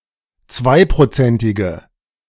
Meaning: inflection of zweiprozentig: 1. strong/mixed nominative/accusative feminine singular 2. strong nominative/accusative plural 3. weak nominative all-gender singular
- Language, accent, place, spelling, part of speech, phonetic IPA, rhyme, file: German, Germany, Berlin, zweiprozentige, adjective, [ˈt͡svaɪ̯pʁoˌt͡sɛntɪɡə], -aɪ̯pʁot͡sɛntɪɡə, De-zweiprozentige.ogg